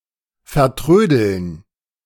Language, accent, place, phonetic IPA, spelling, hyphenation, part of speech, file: German, Germany, Berlin, [fɛɐ̯ˈtʁøːdl̩n], vertrödeln, ver‧trö‧deln, verb, De-vertrödeln.ogg
- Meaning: to fiddle away